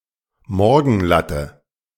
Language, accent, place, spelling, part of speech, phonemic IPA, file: German, Germany, Berlin, Morgenlatte, noun, /ˈmɔrɡənˌlatə/, De-Morgenlatte.ogg
- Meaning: morning wood